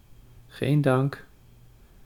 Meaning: don't mention it, de nada (formulaic reply to an expression of thanks, stating that it is not necessary to offer thanks)
- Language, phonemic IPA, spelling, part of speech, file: Dutch, /ɣeːn ˈdɑŋk/, geen dank, phrase, Nl-geen dank.ogg